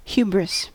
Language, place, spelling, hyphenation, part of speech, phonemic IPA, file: English, California, hubris, hu‧bris, noun, /ˈhjubɹɪs/, En-us-hubris.ogg
- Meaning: Excessive arrogance or pride, or presumption; originally (Greek mythology) toward the gods; a feeling of overwhelming and all-encompassing pride